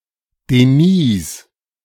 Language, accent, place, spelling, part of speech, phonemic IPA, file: German, Germany, Berlin, Denise, proper noun, /deˈniːs/, De-Denise.ogg
- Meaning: a female given name from French